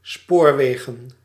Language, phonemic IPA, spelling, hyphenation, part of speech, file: Dutch, /ˈspoːrˌʋeː.ɣə(n)/, spoorwegen, spoor‧we‧gen, noun, Nl-spoorwegen.ogg
- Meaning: plural of spoorweg